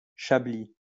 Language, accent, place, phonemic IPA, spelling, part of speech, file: French, France, Lyon, /ʃa.bli/, chablis, noun, LL-Q150 (fra)-chablis.wav
- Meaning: 1. fallen timber 2. Chablis (grape variety or wine)